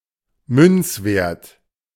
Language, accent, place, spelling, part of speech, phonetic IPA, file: German, Germany, Berlin, Münzwert, noun, [ˈmʏnt͡sˌveːɐ̯t], De-Münzwert.ogg
- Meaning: The nominal value of a coin